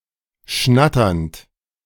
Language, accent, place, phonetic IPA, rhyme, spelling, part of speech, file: German, Germany, Berlin, [ˈʃnatɐnt], -atɐnt, schnatternd, verb, De-schnatternd.ogg
- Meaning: present participle of schnattern